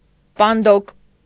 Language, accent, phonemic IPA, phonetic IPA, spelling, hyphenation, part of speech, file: Armenian, Eastern Armenian, /pɑnˈdok/, [pɑndók], պանդոկ, պան‧դոկ, noun, Hy-պանդոկ.ogg
- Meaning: 1. tavern 2. hotel